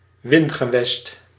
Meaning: a subject region that is exploited for profit; in particular used of Roman provinces or European colonies in the heydays of colonialism
- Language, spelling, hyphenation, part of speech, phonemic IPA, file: Dutch, wingewest, win‧ge‧west, noun, /ˈʋɪn.ɣəˌʋɛst/, Nl-wingewest.ogg